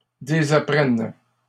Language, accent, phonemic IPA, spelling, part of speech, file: French, Canada, /de.za.pʁɛn/, désapprennent, verb, LL-Q150 (fra)-désapprennent.wav
- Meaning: third-person plural present indicative/subjunctive of désapprendre